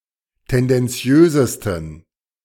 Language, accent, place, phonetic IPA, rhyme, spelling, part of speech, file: German, Germany, Berlin, [ˌtɛndɛnˈt͡si̯øːzəstn̩], -øːzəstn̩, tendenziösesten, adjective, De-tendenziösesten.ogg
- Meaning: 1. superlative degree of tendenziös 2. inflection of tendenziös: strong genitive masculine/neuter singular superlative degree